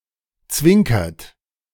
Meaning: inflection of zwinkern: 1. third-person singular present 2. second-person plural present 3. plural imperative
- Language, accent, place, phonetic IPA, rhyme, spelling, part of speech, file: German, Germany, Berlin, [ˈt͡svɪŋkɐt], -ɪŋkɐt, zwinkert, verb, De-zwinkert.ogg